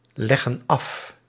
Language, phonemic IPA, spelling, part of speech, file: Dutch, /ˈlɛɣə(n) ˈɑf/, leggen af, verb, Nl-leggen af.ogg
- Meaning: inflection of afleggen: 1. plural present indicative 2. plural present subjunctive